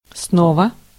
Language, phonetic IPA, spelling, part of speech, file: Russian, [ˈsnovə], снова, adverb, Ru-снова.ogg
- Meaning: 1. anew 2. again